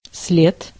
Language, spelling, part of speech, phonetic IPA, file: Russian, след, noun, [s⁽ʲ⁾lʲet], Ru-след.ogg
- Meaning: 1. track, trail 2. footprint, print 3. sole of a sock or stocking 4. trace, sign, vestige 5. mark, print, legacy